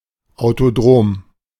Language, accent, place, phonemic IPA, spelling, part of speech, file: German, Germany, Berlin, /aʊ̯toˈdʁoːm/, Autodrom, noun, De-Autodrom.ogg
- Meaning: 1. speedway (racetrack) 2. scooter lane